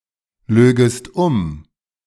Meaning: second-person singular subjunctive II of umlügen
- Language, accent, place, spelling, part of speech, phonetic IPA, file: German, Germany, Berlin, lögest um, verb, [ˌløːɡəst ˈʊm], De-lögest um.ogg